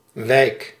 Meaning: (noun) 1. neighborhood 2. district 3. secondary canal in a turf extraction area; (verb) inflection of wijken: 1. first-person singular present indicative 2. second-person singular present indicative
- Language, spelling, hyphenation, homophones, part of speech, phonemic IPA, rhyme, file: Dutch, wijk, wijk, Wyck, noun / verb, /ʋɛi̯k/, -ɛi̯k, Nl-wijk.ogg